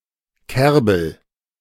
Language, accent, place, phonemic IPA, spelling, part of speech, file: German, Germany, Berlin, /ˈkɛrbəl/, Kerbel, noun, De-Kerbel.ogg
- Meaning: garden chervil (Anthriscus cerefolium)